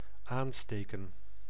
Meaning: 1. to light, kindle 2. to infect, taint
- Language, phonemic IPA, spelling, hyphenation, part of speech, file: Dutch, /ˈaːnsteːkə(n)/, aansteken, aan‧ste‧ken, verb, Nl-aansteken.ogg